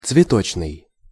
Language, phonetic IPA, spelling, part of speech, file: Russian, [t͡svʲɪˈtot͡ɕnɨj], цветочный, adjective, Ru-цветочный.ogg
- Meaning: 1. flower 2. floral